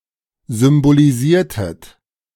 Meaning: inflection of symbolisieren: 1. second-person plural preterite 2. second-person plural subjunctive II
- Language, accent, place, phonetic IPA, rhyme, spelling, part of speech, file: German, Germany, Berlin, [zʏmboliˈziːɐ̯tət], -iːɐ̯tət, symbolisiertet, verb, De-symbolisiertet.ogg